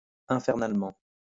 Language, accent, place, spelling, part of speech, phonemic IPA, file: French, France, Lyon, infernalement, adverb, /ɛ̃.fɛʁ.nal.mɑ̃/, LL-Q150 (fra)-infernalement.wav
- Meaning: infernally